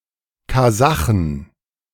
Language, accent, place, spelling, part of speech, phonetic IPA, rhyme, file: German, Germany, Berlin, Kasachen, noun, [kaˈzaxn̩], -axn̩, De-Kasachen.ogg
- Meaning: plural of Kasache